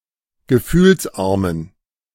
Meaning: inflection of gefühlsarm: 1. strong genitive masculine/neuter singular 2. weak/mixed genitive/dative all-gender singular 3. strong/weak/mixed accusative masculine singular 4. strong dative plural
- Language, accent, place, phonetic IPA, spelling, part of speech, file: German, Germany, Berlin, [ɡəˈfyːlsˌʔaʁmən], gefühlsarmen, adjective, De-gefühlsarmen.ogg